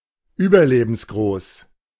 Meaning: larger than life
- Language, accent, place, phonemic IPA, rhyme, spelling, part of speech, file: German, Germany, Berlin, /ˈyːbɐˌleːbənsɡʁoːs/, -oːs, überlebensgroß, adjective, De-überlebensgroß.ogg